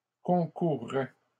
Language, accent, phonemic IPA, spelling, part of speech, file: French, Canada, /kɔ̃.kuʁ.ʁɛ/, concourraient, verb, LL-Q150 (fra)-concourraient.wav
- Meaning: third-person plural conditional of concourir